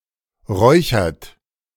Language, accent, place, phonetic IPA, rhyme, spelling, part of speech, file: German, Germany, Berlin, [ˈʁɔɪ̯çɐt], -ɔɪ̯çɐt, räuchert, verb, De-räuchert.ogg
- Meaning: inflection of räuchern: 1. third-person singular present 2. second-person plural present 3. plural imperative